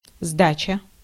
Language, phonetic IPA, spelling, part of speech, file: Russian, [ˈzdat͡ɕə], сдача, noun, Ru-сдача.ogg
- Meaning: 1. delivery (of the final result of a project) 2. fighting back, hitting back the offender 3. surrender 4. change (money given back when a customer hands over more than the exact price of an item)